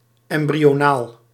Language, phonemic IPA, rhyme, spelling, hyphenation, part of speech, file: Dutch, /ˌɛm.bri.oːˈnaːl/, -aːl, embryonaal, em‧bry‧o‧naal, adjective, Nl-embryonaal.ogg
- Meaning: embryonic